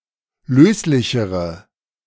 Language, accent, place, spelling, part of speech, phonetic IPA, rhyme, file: German, Germany, Berlin, löslichere, adjective, [ˈløːslɪçəʁə], -øːslɪçəʁə, De-löslichere.ogg
- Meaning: inflection of löslich: 1. strong/mixed nominative/accusative feminine singular comparative degree 2. strong nominative/accusative plural comparative degree